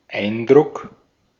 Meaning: impression
- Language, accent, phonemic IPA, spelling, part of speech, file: German, Austria, /ˈaɪ̯nˌdʁʊk/, Eindruck, noun, De-at-Eindruck.ogg